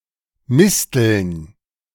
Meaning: plural of Mistel
- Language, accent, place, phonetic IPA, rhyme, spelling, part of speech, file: German, Germany, Berlin, [ˈmɪstl̩n], -ɪstl̩n, Misteln, noun, De-Misteln.ogg